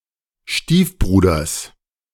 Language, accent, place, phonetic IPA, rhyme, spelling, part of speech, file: German, Germany, Berlin, [ˈʃtiːfˌbʁuːdɐs], -iːfbʁuːdɐs, Stiefbruders, noun, De-Stiefbruders.ogg
- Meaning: genitive singular of Stiefbruder